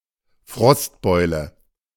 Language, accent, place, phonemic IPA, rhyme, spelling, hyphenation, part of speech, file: German, Germany, Berlin, /ˈfʁɔstˌbɔɪ̯lə/, -ɔɪ̯lə, Frostbeule, Frost‧beu‧le, noun, De-Frostbeule.ogg
- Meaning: 1. chilblain 2. person who is sensitive to cold